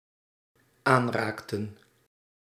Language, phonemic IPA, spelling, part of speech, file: Dutch, /ˈanraktə(n)/, aanraakten, verb, Nl-aanraakten.ogg
- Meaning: inflection of aanraken: 1. plural dependent-clause past indicative 2. plural dependent-clause past subjunctive